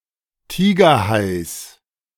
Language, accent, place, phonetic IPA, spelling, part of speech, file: German, Germany, Berlin, [ˈtiːɡɐˌhaɪ̯s], Tigerhais, noun, De-Tigerhais.ogg
- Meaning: genitive singular of Tigerhai